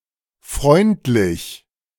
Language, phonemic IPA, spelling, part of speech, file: German, /ˈfʁɔɪ̯ntlɪç/, freundlich, adjective, De-freundlich.ogg
- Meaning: 1. friendly, benign 2. nice, pleasant